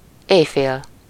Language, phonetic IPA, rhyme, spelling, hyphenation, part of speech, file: Hungarian, [ˈeːjfeːl], -eːl, éjfél, éj‧fél, noun, Hu-éjfél.ogg
- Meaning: midnight